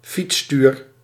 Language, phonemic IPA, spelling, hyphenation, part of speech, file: Dutch, /ˈfits.styːr/, fietsstuur, fiets‧stuur, noun, Nl-fietsstuur.ogg
- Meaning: the handlebar of a bicycle